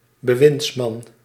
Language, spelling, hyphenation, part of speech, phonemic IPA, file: Dutch, bewindsman, be‧winds‧man, noun, /bəˈʋɪntsˌmɑn/, Nl-bewindsman.ogg
- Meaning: male minister (senior or junior) or secretary of state